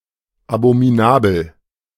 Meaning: abominable
- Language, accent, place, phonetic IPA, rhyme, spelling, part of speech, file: German, Germany, Berlin, [abomiˈnaːbl̩], -aːbl̩, abominabel, adjective, De-abominabel.ogg